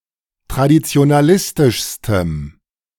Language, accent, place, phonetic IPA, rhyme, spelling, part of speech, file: German, Germany, Berlin, [tʁadit͡si̯onaˈlɪstɪʃstəm], -ɪstɪʃstəm, traditionalistischstem, adjective, De-traditionalistischstem.ogg
- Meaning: strong dative masculine/neuter singular superlative degree of traditionalistisch